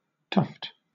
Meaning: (noun) A bunch of feathers, grass or hair, etc., held together at the base
- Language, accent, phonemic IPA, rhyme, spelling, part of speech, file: English, Southern England, /tʌft/, -ʌft, tuft, noun / verb, LL-Q1860 (eng)-tuft.wav